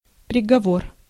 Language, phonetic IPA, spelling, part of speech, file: Russian, [prʲɪɡɐˈvor], приговор, noun, Ru-приговор.ogg
- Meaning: 1. sentence, verdict 2. judgement, conviction (of opinion) 3. word accompaniment 4. decision